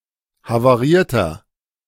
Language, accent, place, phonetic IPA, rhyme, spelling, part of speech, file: German, Germany, Berlin, [havaˈʁiːɐ̯tɐ], -iːɐ̯tɐ, havarierter, adjective, De-havarierter.ogg
- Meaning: inflection of havariert: 1. strong/mixed nominative masculine singular 2. strong genitive/dative feminine singular 3. strong genitive plural